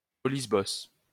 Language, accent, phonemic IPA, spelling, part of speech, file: French, France, /ɔ.lis.bɔs/, olisbos, noun, LL-Q150 (fra)-olisbos.wav
- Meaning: dildo (artificial phallus)